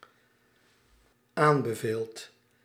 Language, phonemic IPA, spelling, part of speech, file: Dutch, /ˈambəˌvelt/, aanbeveelt, verb, Nl-aanbeveelt.ogg
- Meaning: second/third-person singular dependent-clause present indicative of aanbevelen